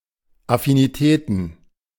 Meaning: plural of Affinität
- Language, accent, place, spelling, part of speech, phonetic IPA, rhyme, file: German, Germany, Berlin, Affinitäten, noun, [afiniˈtɛːtn̩], -ɛːtn̩, De-Affinitäten.ogg